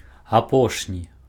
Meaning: 1. last in a row, recent 2. final
- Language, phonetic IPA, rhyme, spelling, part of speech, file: Belarusian, [aˈpoʂnʲi], -oʂnʲi, апошні, adjective, Be-апошні.ogg